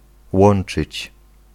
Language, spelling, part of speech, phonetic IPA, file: Polish, łączyć, verb, [ˈwɔ̃n͇t͡ʃɨt͡ɕ], Pl-łączyć.ogg